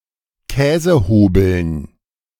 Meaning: dative plural of Käsehobel
- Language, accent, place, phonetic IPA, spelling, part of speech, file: German, Germany, Berlin, [ˈkɛːzəˌhoːbl̩n], Käsehobeln, noun, De-Käsehobeln.ogg